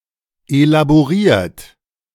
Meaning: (verb) past participle of elaborieren; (adjective) elaborated; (verb) inflection of elaborieren: 1. third-person singular present 2. second-person plural present 3. plural imperative
- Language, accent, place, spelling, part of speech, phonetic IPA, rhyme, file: German, Germany, Berlin, elaboriert, adjective / verb, [elaboˈʁiːɐ̯t], -iːɐ̯t, De-elaboriert.ogg